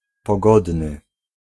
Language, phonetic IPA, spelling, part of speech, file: Polish, [pɔˈɡɔdnɨ], pogodny, adjective, Pl-pogodny.ogg